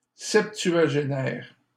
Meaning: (adjective) septuagenarian
- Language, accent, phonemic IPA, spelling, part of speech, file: French, Canada, /sɛp.tɥa.ʒe.nɛʁ/, septuagénaire, adjective / noun, LL-Q150 (fra)-septuagénaire.wav